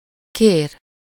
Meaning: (verb) 1. to ask (for), to make a request (the person having -tól/-től and the favor, -t/-ot/-at/-et/-öt, or the person having -t/-ot/-at/-et/-öt and the favor, -ra/-re) 2. would like to have (some)
- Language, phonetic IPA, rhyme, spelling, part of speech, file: Hungarian, [ˈkeːr], -eːr, kér, verb / noun, Hu-kér.ogg